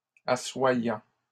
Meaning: present participle of asseoir
- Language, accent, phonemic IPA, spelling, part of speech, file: French, Canada, /a.swa.jɑ̃/, assoyant, verb, LL-Q150 (fra)-assoyant.wav